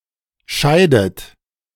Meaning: inflection of scheiden: 1. third-person singular present 2. second-person plural present 3. second-person plural subjunctive I 4. plural imperative
- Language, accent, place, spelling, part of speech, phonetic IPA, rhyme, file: German, Germany, Berlin, scheidet, verb, [ˈʃaɪ̯dət], -aɪ̯dət, De-scheidet.ogg